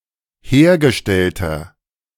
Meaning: inflection of hergestellt: 1. strong/mixed nominative masculine singular 2. strong genitive/dative feminine singular 3. strong genitive plural
- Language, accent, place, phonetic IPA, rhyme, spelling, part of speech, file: German, Germany, Berlin, [ˈheːɐ̯ɡəˌʃtɛltɐ], -eːɐ̯ɡəʃtɛltɐ, hergestellter, adjective, De-hergestellter.ogg